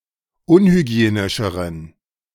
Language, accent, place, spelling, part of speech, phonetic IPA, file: German, Germany, Berlin, unhygienischeren, adjective, [ˈʊnhyˌɡi̯eːnɪʃəʁən], De-unhygienischeren.ogg
- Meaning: inflection of unhygienisch: 1. strong genitive masculine/neuter singular comparative degree 2. weak/mixed genitive/dative all-gender singular comparative degree